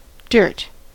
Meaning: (noun) 1. Soil or earth 2. A stain or spot (on clothes etc); any foreign substance that worsens appearance 3. Previously unknown facts or rumors about a person 4. Meanness; sordidness
- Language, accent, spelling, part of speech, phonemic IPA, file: English, US, dirt, noun / verb, /dɝt/, En-us-dirt.ogg